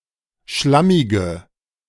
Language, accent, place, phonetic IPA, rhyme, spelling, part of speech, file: German, Germany, Berlin, [ˈʃlamɪɡə], -amɪɡə, schlammige, adjective, De-schlammige.ogg
- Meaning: inflection of schlammig: 1. strong/mixed nominative/accusative feminine singular 2. strong nominative/accusative plural 3. weak nominative all-gender singular